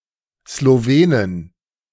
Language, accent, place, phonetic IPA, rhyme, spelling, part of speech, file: German, Germany, Berlin, [sloˈveːnən], -eːnən, Slowenen, noun, De-Slowenen.ogg
- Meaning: plural of Slowene